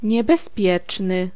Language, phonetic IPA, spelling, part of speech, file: Polish, [ˌɲɛbɛsˈpʲjɛt͡ʃnɨ], niebezpieczny, adjective, Pl-niebezpieczny.ogg